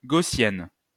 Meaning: feminine singular of gaussien
- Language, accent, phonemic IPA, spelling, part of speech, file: French, France, /ɡo.sjɛn/, gaussienne, adjective, LL-Q150 (fra)-gaussienne.wav